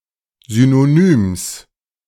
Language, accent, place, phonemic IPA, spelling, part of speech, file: German, Germany, Berlin, /ˌzynoˈnyːms/, Synonyms, noun, De-Synonyms.ogg
- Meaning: genitive singular of Synonym